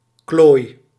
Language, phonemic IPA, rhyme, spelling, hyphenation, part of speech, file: Dutch, /kloːi̯/, -oːi̯, klooi, klooi, noun / verb, Nl-klooi.ogg
- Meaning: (noun) 1. a dork, jerk, nobody 2. a bumbler, loser; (verb) inflection of klooien: 1. first-person singular present indicative 2. second-person singular present indicative 3. imperative